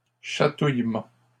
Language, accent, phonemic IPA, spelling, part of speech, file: French, Canada, /ʃa.tuj.mɑ̃/, chatouillements, noun, LL-Q150 (fra)-chatouillements.wav
- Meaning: plural of chatouillement